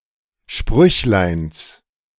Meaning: genitive singular of Sprüchlein
- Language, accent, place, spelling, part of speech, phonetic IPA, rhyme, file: German, Germany, Berlin, Sprüchleins, noun, [ˈʃpʁʏçlaɪ̯ns], -ʏçlaɪ̯ns, De-Sprüchleins.ogg